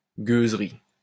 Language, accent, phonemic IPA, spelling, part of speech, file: French, France, /ɡøz.ʁi/, gueuserie, noun, LL-Q150 (fra)-gueuserie.wav
- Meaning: beggary, wretchedness